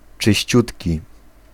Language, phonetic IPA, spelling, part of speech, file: Polish, [t͡ʃɨɕˈt͡ɕutʲci], czyściutki, adjective, Pl-czyściutki.ogg